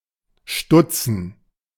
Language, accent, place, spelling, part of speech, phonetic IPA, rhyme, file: German, Germany, Berlin, stutzen, verb, [ˈʃtʊt͡sn̩], -ʊt͡sn̩, De-stutzen.ogg
- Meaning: 1. obsolete form of stoßen 2. to be a coxcomb, to floss, to ball (to be a Stutzer) 3. to cut short, to trim 4. to stop short